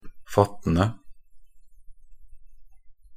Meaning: present participle of fatte
- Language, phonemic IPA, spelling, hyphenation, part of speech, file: Norwegian Bokmål, /ˈfatːən(d)ə/, fattende, fat‧ten‧de, verb, Nb-fattende.ogg